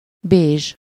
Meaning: beige (color of undyed wool or cotton)
- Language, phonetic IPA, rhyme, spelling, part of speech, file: Hungarian, [ˈbeːʒ], -eːʒ, bézs, adjective, Hu-bézs.ogg